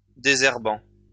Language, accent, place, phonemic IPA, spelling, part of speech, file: French, France, Lyon, /de.zɛʁ.bɑ̃/, désherbant, verb / adjective, LL-Q150 (fra)-désherbant.wav
- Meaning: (verb) present participle of désherber; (adjective) herbicidal